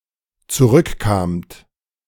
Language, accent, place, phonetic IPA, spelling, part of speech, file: German, Germany, Berlin, [t͡suˈʁʏkˌkaːmt], zurückkamt, verb, De-zurückkamt.ogg
- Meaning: second-person plural dependent preterite of zurückkommen